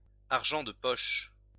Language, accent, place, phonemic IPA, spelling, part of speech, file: French, France, Lyon, /aʁ.ʒɑ̃ d(ə) pɔʃ/, argent de poche, noun, LL-Q150 (fra)-argent de poche.wav
- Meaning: pocket money